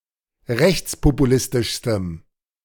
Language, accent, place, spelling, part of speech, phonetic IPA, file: German, Germany, Berlin, rechtspopulistischstem, adjective, [ˈʁɛçt͡spopuˌlɪstɪʃstəm], De-rechtspopulistischstem.ogg
- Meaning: strong dative masculine/neuter singular superlative degree of rechtspopulistisch